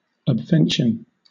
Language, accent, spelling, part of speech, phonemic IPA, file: English, Southern England, obvention, noun, /ɒbˈvɛnʃən/, LL-Q1860 (eng)-obvention.wav
- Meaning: 1. The act of happening incidentally; that which happens casually; an incidental advantage 2. A church revenue, especially one of an occasional or incidental character